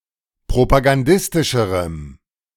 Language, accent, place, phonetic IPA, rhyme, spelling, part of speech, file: German, Germany, Berlin, [pʁopaɡanˈdɪstɪʃəʁəm], -ɪstɪʃəʁəm, propagandistischerem, adjective, De-propagandistischerem.ogg
- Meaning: strong dative masculine/neuter singular comparative degree of propagandistisch